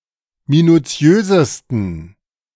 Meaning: 1. superlative degree of minuziös 2. inflection of minuziös: strong genitive masculine/neuter singular superlative degree
- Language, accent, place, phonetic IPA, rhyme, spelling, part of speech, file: German, Germany, Berlin, [minuˈt͡si̯øːzəstn̩], -øːzəstn̩, minuziösesten, adjective, De-minuziösesten.ogg